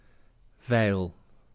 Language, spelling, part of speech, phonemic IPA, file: Dutch, veil, noun / adjective / verb, /vɛil/, Nl-veil.ogg
- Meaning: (verb) inflection of veilen: 1. first-person singular present indicative 2. second-person singular present indicative 3. imperative; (adjective) venal